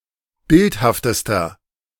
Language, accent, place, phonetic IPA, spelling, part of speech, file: German, Germany, Berlin, [ˈbɪlthaftəstɐ], bildhaftester, adjective, De-bildhaftester.ogg
- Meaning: inflection of bildhaft: 1. strong/mixed nominative masculine singular superlative degree 2. strong genitive/dative feminine singular superlative degree 3. strong genitive plural superlative degree